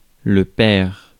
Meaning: 1. father (parent) 2. father (clergyman) 3. Sr. (senior) (postnominal title used to indicate a father that shares the same name as the son)
- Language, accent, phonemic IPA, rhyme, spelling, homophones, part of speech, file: French, France, /pɛʁ/, -ɛʁ, père, pair / paire / paires / pairs / perd / perds / pères, noun, Fr-père.ogg